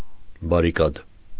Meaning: barricade
- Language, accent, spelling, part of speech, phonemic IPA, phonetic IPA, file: Armenian, Eastern Armenian, բարիկադ, noun, /bɑɾiˈkɑd/, [bɑɾikɑ́d], Hy-բարիկադ.ogg